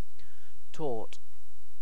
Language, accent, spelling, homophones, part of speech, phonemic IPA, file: English, Received Pronunciation, tort, torte / taught, noun / adjective, /tɔːt/, En-uk-tort.ogg